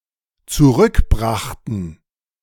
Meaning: first/third-person plural dependent preterite of zurückbringen
- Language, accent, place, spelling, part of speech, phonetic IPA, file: German, Germany, Berlin, zurückbrachten, verb, [t͡suˈʁʏkˌbʁaxtn̩], De-zurückbrachten.ogg